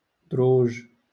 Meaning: 1. plural of درجة (darja) 2. stairs, staircase
- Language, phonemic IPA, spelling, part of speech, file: Moroccan Arabic, /druːʒ/, دروج, noun, LL-Q56426 (ary)-دروج.wav